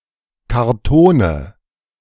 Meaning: nominative/accusative/genitive plural of Karton
- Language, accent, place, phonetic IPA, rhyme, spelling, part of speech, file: German, Germany, Berlin, [kaʁˈtoːnə], -oːnə, Kartone, noun, De-Kartone.ogg